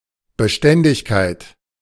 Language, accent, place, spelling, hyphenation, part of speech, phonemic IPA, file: German, Germany, Berlin, Beständigkeit, Be‧stän‧dig‧keit, noun, /bəˈʃtɛndɪçkaɪ̯t/, De-Beständigkeit.ogg
- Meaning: 1. resistance 2. stability, constancy 3. reliability